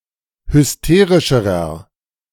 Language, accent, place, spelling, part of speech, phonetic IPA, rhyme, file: German, Germany, Berlin, hysterischerer, adjective, [hʏsˈteːʁɪʃəʁɐ], -eːʁɪʃəʁɐ, De-hysterischerer.ogg
- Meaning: inflection of hysterisch: 1. strong/mixed nominative masculine singular comparative degree 2. strong genitive/dative feminine singular comparative degree 3. strong genitive plural comparative degree